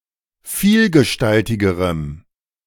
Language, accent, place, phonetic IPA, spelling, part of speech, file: German, Germany, Berlin, [ˈfiːlɡəˌʃtaltɪɡəʁəm], vielgestaltigerem, adjective, De-vielgestaltigerem.ogg
- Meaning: strong dative masculine/neuter singular comparative degree of vielgestaltig